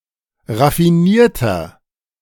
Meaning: 1. comparative degree of raffiniert 2. inflection of raffiniert: strong/mixed nominative masculine singular 3. inflection of raffiniert: strong genitive/dative feminine singular
- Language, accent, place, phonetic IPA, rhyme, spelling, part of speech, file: German, Germany, Berlin, [ʁafiˈniːɐ̯tɐ], -iːɐ̯tɐ, raffinierter, adjective, De-raffinierter.ogg